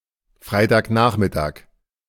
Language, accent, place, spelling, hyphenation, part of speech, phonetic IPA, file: German, Germany, Berlin, Freitagnachmittag, Frei‧tag‧nach‧mit‧tag, noun, [ˈfʀaɪ̯taːkˌnaːχmɪtaːk], De-Freitagnachmittag.ogg
- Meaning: Friday afternoon